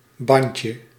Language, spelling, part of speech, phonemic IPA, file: Dutch, bandje, noun, /ˈbɛɲcə/, Nl-bandje.ogg
- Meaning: diminutive of band (“connection; tyre; tape”)